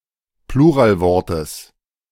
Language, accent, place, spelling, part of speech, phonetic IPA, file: German, Germany, Berlin, Pluralwortes, noun, [ˈpluːʁaːlˌvɔʁtəs], De-Pluralwortes.ogg
- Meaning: genitive singular of Pluralwort